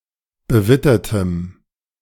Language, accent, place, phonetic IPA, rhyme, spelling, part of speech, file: German, Germany, Berlin, [bəˈvɪtɐtəm], -ɪtɐtəm, bewittertem, adjective, De-bewittertem.ogg
- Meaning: strong dative masculine/neuter singular of bewittert